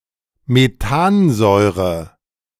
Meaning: methanoic acid; HCOOH
- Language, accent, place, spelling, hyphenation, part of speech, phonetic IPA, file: German, Germany, Berlin, Methansäure, Me‧than‧säu‧re, noun, [meˈtaːnˌzɔɪ̯ʁə], De-Methansäure.ogg